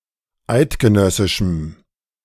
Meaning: strong dative masculine/neuter singular of eidgenössisch
- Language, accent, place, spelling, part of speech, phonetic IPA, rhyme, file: German, Germany, Berlin, eidgenössischem, adjective, [ˈaɪ̯tɡəˌnœsɪʃm̩], -aɪ̯tɡənœsɪʃm̩, De-eidgenössischem.ogg